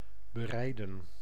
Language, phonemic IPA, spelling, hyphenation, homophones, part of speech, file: Dutch, /bəˈrɛi̯də(n)/, bereiden, be‧rei‧den, berijden, verb, Nl-bereiden.ogg
- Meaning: to prepare (particularly of food and drink)